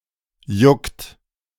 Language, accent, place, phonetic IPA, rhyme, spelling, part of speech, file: German, Germany, Berlin, [jʊkt], -ʊkt, juckt, verb, De-juckt.ogg
- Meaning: inflection of jucken: 1. third-person singular present 2. second-person plural present 3. plural imperative